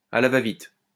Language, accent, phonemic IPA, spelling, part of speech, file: French, France, /a la va.vit/, à la va-vite, adverb, LL-Q150 (fra)-à la va-vite.wav
- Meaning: in a rushed manner, hastily and perfunctorily